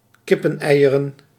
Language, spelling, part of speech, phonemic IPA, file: Dutch, kippeneieren, noun, /ˈkɪpə(n)ˌɛijərə(n)/, Nl-kippeneieren.ogg
- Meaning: plural of kippenei